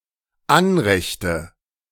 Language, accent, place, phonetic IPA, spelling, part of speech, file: German, Germany, Berlin, [ˈanʁɛçtə], Anrechte, noun, De-Anrechte.ogg
- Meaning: nominative/accusative/genitive plural of Anrecht